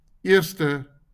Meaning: first
- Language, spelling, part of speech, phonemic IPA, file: Afrikaans, eerste, adjective, /ˈɪərstə/, LL-Q14196 (afr)-eerste.wav